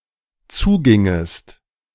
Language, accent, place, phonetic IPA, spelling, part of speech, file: German, Germany, Berlin, [ˈt͡suːˌɡɪŋəst], zugingest, verb, De-zugingest.ogg
- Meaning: second-person singular dependent subjunctive II of zugehen